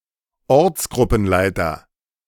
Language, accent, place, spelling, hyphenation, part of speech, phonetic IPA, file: German, Germany, Berlin, Ortsgruppenleiter, Orts‧grup‧pen‧lei‧ter, noun, [ˈɔʁt͡sɡʁʊpn̩ˌlaɪ̯tɐ], De-Ortsgruppenleiter.ogg
- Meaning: Ortsgruppenleiter